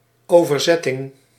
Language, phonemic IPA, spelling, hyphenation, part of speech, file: Dutch, /ˈoːvərˌzɛtɪŋ/, overzetting, over‧zet‧ting, noun, Nl-overzetting.ogg
- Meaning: 1. transaction 2. translation